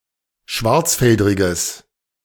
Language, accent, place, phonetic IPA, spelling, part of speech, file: German, Germany, Berlin, [ˈʃvaʁt͡sˌfɛldʁɪɡəs], schwarzfeldriges, adjective, De-schwarzfeldriges.ogg
- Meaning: strong/mixed nominative/accusative neuter singular of schwarzfeldrig